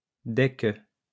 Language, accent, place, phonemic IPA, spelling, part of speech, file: French, France, Lyon, /dɛ k(ə)/, dès que, conjunction, LL-Q150 (fra)-dès que.wav
- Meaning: once, as soon as